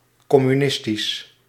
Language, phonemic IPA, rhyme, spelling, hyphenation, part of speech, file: Dutch, /ˌkɔ.myˈnɪs.tis/, -ɪstis, communistisch, com‧mu‧nis‧tisch, adjective, Nl-communistisch.ogg
- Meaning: communist